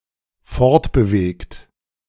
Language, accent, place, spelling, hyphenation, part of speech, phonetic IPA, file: German, Germany, Berlin, fortbewegt, fort‧be‧wegt, verb, [ˈfɔʁtbəˌveːɡt], De-fortbewegt.ogg
- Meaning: past participle of fortbewegen